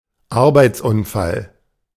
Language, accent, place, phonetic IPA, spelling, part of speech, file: German, Germany, Berlin, [ˈaʁbaɪ̯t͡sˌʔʊnfal], Arbeitsunfall, noun, De-Arbeitsunfall.ogg
- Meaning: accident at work, workplace accident